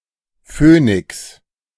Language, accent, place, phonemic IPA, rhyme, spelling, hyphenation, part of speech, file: German, Germany, Berlin, /ˈføː.nɪks/, -øːnɪks, Phönix, Phö‧nix, noun, De-Phönix.ogg
- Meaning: 1. phoenix 2. the constellation Phoenix